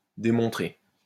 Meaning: past participle of démontrer
- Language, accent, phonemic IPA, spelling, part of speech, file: French, France, /de.mɔ̃.tʁe/, démontré, verb, LL-Q150 (fra)-démontré.wav